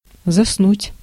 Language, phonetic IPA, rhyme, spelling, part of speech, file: Russian, [zɐsˈnutʲ], -utʲ, заснуть, verb, Ru-заснуть.ogg
- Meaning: to fall asleep